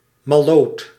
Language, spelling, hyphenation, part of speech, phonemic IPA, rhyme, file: Dutch, malloot, mal‧loot, noun / adjective, /mɑˈloːt/, -oːt, Nl-malloot.ogg
- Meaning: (noun) 1. fool, idiot, moron 2. exuberant, hyperactive or foolish woman; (adjective) foolish